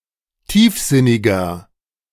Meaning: 1. comparative degree of tiefsinnig 2. inflection of tiefsinnig: strong/mixed nominative masculine singular 3. inflection of tiefsinnig: strong genitive/dative feminine singular
- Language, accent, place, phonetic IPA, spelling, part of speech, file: German, Germany, Berlin, [ˈtiːfˌzɪnɪɡɐ], tiefsinniger, adjective, De-tiefsinniger.ogg